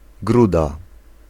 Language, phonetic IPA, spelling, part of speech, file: Polish, [ˈɡruda], gruda, noun, Pl-gruda.ogg